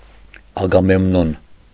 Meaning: Agamemnon
- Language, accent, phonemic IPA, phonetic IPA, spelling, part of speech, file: Armenian, Eastern Armenian, /ɑɡɑmemˈnon/, [ɑɡɑmemnón], Ագամեմնոն, proper noun, Hy-Ագամեմնոն.ogg